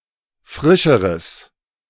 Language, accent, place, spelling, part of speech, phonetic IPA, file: German, Germany, Berlin, frischeres, adjective, [ˈfʁɪʃəʁəs], De-frischeres.ogg
- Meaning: strong/mixed nominative/accusative neuter singular comparative degree of frisch